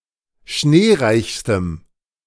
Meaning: strong dative masculine/neuter singular superlative degree of schneereich
- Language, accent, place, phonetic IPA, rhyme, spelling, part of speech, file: German, Germany, Berlin, [ˈʃneːˌʁaɪ̯çstəm], -eːʁaɪ̯çstəm, schneereichstem, adjective, De-schneereichstem.ogg